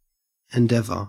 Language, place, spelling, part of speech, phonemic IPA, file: English, Queensland, endeavour, noun / verb, /ɪnˈdev.ə/, En-au-endeavour.ogg
- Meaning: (noun) British standard spelling of endeavor